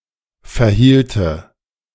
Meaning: first/third-person singular subjunctive II of verhalten
- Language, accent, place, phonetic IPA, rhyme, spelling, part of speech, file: German, Germany, Berlin, [fɛɐ̯ˈhiːltə], -iːltə, verhielte, verb, De-verhielte.ogg